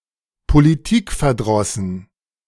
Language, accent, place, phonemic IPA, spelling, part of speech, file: German, Germany, Berlin, /poliˈtɪkfɛɐ̯ˌdʁɔsn̩/, politikverdrossen, adjective, De-politikverdrossen.ogg
- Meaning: apolitical (disenchanted with politics)